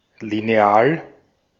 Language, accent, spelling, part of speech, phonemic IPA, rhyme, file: German, Austria, Lineal, noun, /lineˈaːl/, -aːl, De-at-Lineal.ogg
- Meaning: ruler (measuring and drawing device)